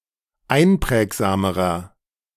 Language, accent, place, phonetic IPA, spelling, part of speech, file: German, Germany, Berlin, [ˈaɪ̯nˌpʁɛːkzaːməʁɐ], einprägsamerer, adjective, De-einprägsamerer.ogg
- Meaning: inflection of einprägsam: 1. strong/mixed nominative masculine singular comparative degree 2. strong genitive/dative feminine singular comparative degree 3. strong genitive plural comparative degree